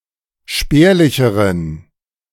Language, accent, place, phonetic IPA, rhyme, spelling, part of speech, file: German, Germany, Berlin, [ˈʃpɛːɐ̯lɪçəʁən], -ɛːɐ̯lɪçəʁən, spärlicheren, adjective, De-spärlicheren.ogg
- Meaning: inflection of spärlich: 1. strong genitive masculine/neuter singular comparative degree 2. weak/mixed genitive/dative all-gender singular comparative degree